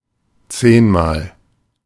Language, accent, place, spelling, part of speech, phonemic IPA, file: German, Germany, Berlin, zehnmal, adverb, /ˈt͡seːnmaːl/, De-zehnmal.ogg
- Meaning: 1. ten times 2. very often, many times